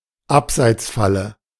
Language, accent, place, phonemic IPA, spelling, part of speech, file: German, Germany, Berlin, /ˈapzaɪ̯t͡sˌfalə/, Abseitsfalle, noun, De-Abseitsfalle.ogg
- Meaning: offside trap